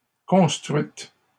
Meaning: feminine singular of construit
- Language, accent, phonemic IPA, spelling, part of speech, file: French, Canada, /kɔ̃s.tʁɥit/, construite, verb, LL-Q150 (fra)-construite.wav